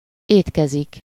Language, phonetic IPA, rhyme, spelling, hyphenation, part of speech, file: Hungarian, [ˈeːtkɛzik], -ɛzik, étkezik, ét‧ke‧zik, verb, Hu-étkezik.ogg
- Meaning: to eat, dine, board, fare